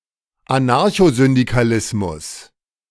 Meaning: anarcho-syndicalism
- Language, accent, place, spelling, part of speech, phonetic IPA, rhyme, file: German, Germany, Berlin, Anarchosyndikalismus, noun, [aˌnaʁçozʏndikaˈlɪsmʊs], -ɪsmʊs, De-Anarchosyndikalismus.ogg